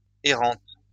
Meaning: feminine singular of errant
- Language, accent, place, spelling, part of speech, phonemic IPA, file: French, France, Lyon, errante, adjective, /e.ʁɑ̃t/, LL-Q150 (fra)-errante.wav